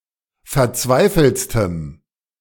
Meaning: strong dative masculine/neuter singular superlative degree of verzweifelt
- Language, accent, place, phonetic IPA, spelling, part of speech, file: German, Germany, Berlin, [fɛɐ̯ˈt͡svaɪ̯fl̩t͡stəm], verzweifeltstem, adjective, De-verzweifeltstem.ogg